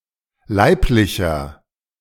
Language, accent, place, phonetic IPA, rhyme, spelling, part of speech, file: German, Germany, Berlin, [ˈlaɪ̯plɪçɐ], -aɪ̯plɪçɐ, leiblicher, adjective, De-leiblicher.ogg
- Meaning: inflection of leiblich: 1. strong/mixed nominative masculine singular 2. strong genitive/dative feminine singular 3. strong genitive plural